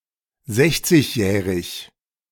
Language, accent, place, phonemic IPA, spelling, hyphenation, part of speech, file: German, Germany, Berlin, /ˈzɛçt͡sɪçˌjɛːʁɪç/, sechzigjährig, sech‧zig‧jäh‧rig, adjective, De-sechzigjährig.ogg
- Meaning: sixty-year-old, sixty-year